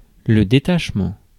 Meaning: detachment
- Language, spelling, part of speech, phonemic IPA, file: French, détachement, noun, /de.taʃ.mɑ̃/, Fr-détachement.ogg